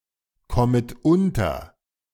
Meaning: second-person plural subjunctive I of unterkommen
- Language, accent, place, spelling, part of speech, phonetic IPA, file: German, Germany, Berlin, kommet unter, verb, [ˌkɔmət ˈʊntɐ], De-kommet unter.ogg